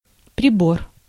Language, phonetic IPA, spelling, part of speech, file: Russian, [prʲɪˈbor], прибор, noun, Ru-прибор.ogg
- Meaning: 1. device, appliance, tool, instrument, gadget 2. set, apparatus (collection of compactly collapsible accessories for a particular purpose) 3. male genitals